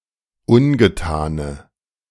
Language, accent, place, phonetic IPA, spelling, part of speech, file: German, Germany, Berlin, [ˈʊnɡəˌtaːnə], ungetane, adjective, De-ungetane.ogg
- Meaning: inflection of ungetan: 1. strong/mixed nominative/accusative feminine singular 2. strong nominative/accusative plural 3. weak nominative all-gender singular 4. weak accusative feminine/neuter singular